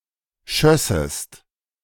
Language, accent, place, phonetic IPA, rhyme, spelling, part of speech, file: German, Germany, Berlin, [ˈʃœsəst], -œsəst, schössest, verb, De-schössest.ogg
- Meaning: second-person singular subjunctive II of schießen